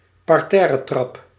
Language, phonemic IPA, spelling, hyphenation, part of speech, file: Dutch, /pɑrˈtɛː.rəˌtrɑp/, parterretrap, par‧ter‧re‧trap, noun, Nl-parterretrap.ogg
- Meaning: a stairway positioned on the ground floor